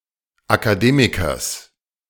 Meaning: genitive of Akademiker
- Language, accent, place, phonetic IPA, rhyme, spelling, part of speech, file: German, Germany, Berlin, [akaˈdeːmɪkɐs], -eːmɪkɐs, Akademikers, noun, De-Akademikers.ogg